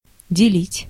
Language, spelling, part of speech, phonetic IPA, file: Russian, делить, verb, [dʲɪˈlʲitʲ], Ru-делить.ogg
- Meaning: 1. to divide 2. to share, to exchange 3. to confide, to tell